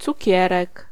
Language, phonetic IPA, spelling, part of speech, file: Polish, [t͡suˈcɛrɛk], cukierek, noun, Pl-cukierek.ogg